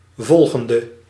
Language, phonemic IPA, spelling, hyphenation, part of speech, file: Dutch, /ˈvɔlɣəndə/, volgende, vol‧gen‧de, adjective / verb, Nl-volgende.ogg
- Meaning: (adjective) inflection of volgend: 1. masculine/feminine singular attributive 2. definite neuter singular attributive 3. plural attributive